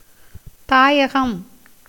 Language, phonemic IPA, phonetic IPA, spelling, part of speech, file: Tamil, /t̪ɑːjɐɡɐm/, [t̪äːjɐɡɐm], தாயகம், noun, Ta-தாயகம்.ogg
- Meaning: 1. motherland 2. place of origin 3. support; shelter; place of refuge